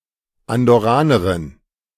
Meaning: Andorran (woman from Andorra)
- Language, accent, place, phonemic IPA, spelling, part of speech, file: German, Germany, Berlin, /andɔˈʁaːnɐʁɪn/, Andorranerin, noun, De-Andorranerin.ogg